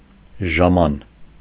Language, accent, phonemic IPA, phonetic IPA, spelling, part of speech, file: Armenian, Eastern Armenian, /ʒɑˈmɑn/, [ʒɑmɑ́n], ժաման, adjective, Hy-ժաման.ogg
- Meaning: arriving quickly; quick, prompt